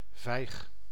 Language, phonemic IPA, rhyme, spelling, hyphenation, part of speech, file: Dutch, /vɛi̯x/, -ɛi̯x, vijg, vijg, noun, Nl-vijg.ogg
- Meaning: 1. a fig tree; any plant of genus Ficus 2. Ficus carica or fig tree, which yields the edible fruit commonly known as fig 3. the edible fruit of the fig tree